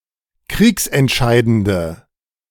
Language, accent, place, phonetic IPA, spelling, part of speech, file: German, Germany, Berlin, [ˈkʁiːksɛntˌʃaɪ̯dəndə], kriegsentscheidende, adjective, De-kriegsentscheidende.ogg
- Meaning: inflection of kriegsentscheidend: 1. strong/mixed nominative/accusative feminine singular 2. strong nominative/accusative plural 3. weak nominative all-gender singular